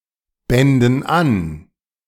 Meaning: first-person plural subjunctive II of anbinden
- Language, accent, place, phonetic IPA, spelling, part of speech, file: German, Germany, Berlin, [ˌbɛndn̩ ˈan], bänden an, verb, De-bänden an.ogg